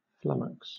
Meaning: 1. To confuse; to fluster; to flabbergast 2. To give in, to give up, to collapse
- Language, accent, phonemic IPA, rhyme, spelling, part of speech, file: English, Southern England, /ˈflʌməks/, -ʌməks, flummox, verb, LL-Q1860 (eng)-flummox.wav